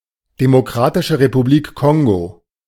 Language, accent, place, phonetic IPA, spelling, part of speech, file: German, Germany, Berlin, [ˌdemoˈkʁaːtɪʃə ʁepuˌbliːk ˈkɔŋɡo], Demokratische Republik Kongo, proper noun, De-Demokratische Republik Kongo.ogg
- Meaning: Democratic Republic of the Congo (a country in Central Africa, the larger of the two countries named Congo)